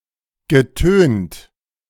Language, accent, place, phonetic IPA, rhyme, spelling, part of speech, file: German, Germany, Berlin, [ɡəˈtøːnt], -øːnt, getönt, adjective / verb, De-getönt.ogg
- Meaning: past participle of tönen